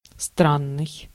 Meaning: strange, odd, weird
- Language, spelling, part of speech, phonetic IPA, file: Russian, странный, adjective, [ˈstranːɨj], Ru-странный.ogg